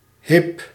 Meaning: 1. genteel (stylish, elegant) 2. fashionable (characteristic of or influenced by a current popular trend or style)
- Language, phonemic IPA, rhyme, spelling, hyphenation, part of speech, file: Dutch, /ɦɪp/, -ɪp, hip, hip, adjective, Nl-hip.ogg